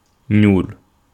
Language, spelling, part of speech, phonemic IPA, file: Wolof, ñuul, verb, /ɲuːl/, Wo-ñuul.ogg
- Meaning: to be black